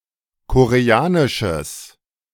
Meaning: strong/mixed nominative/accusative neuter singular of koreanisch
- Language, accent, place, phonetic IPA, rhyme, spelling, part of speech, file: German, Germany, Berlin, [koʁeˈaːnɪʃəs], -aːnɪʃəs, koreanisches, adjective, De-koreanisches.ogg